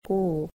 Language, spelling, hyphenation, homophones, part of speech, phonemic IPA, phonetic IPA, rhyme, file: Estonian, kuu, kuu, q, noun, /ˈkuː/, [ˈkuː], -uː, Et-kuu.ogg
- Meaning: 1. moon: A large luminous celestial body seen from the Earth at night 2. moon: A natural satellite of any planet 3. month: A period of 28 to 31 days, one twelfth of a year